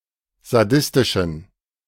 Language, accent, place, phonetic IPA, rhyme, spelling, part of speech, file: German, Germany, Berlin, [zaˈdɪstɪʃn̩], -ɪstɪʃn̩, sadistischen, adjective, De-sadistischen.ogg
- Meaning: inflection of sadistisch: 1. strong genitive masculine/neuter singular 2. weak/mixed genitive/dative all-gender singular 3. strong/weak/mixed accusative masculine singular 4. strong dative plural